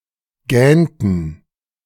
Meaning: inflection of gähnen: 1. first/third-person plural preterite 2. first/third-person plural subjunctive II
- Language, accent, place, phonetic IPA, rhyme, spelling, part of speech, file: German, Germany, Berlin, [ˈɡɛːntn̩], -ɛːntn̩, gähnten, verb, De-gähnten.ogg